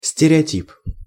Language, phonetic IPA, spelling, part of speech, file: Russian, [sʲtʲɪrʲɪɐˈtʲip], стереотип, noun, Ru-стереотип.ogg
- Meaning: stereotype (a conventional, formulaic, and oversimplified conception, opinion, or image)